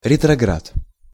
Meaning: retrograde
- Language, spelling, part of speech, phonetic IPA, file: Russian, ретроград, noun, [rʲɪtrɐˈɡrat], Ru-ретроград.ogg